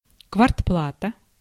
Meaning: rent
- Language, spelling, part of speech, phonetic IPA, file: Russian, квартплата, noun, [kvɐrtˈpɫatə], Ru-квартплата.ogg